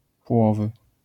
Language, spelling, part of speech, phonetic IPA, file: Polish, płowy, adjective, [ˈpwɔvɨ], LL-Q809 (pol)-płowy.wav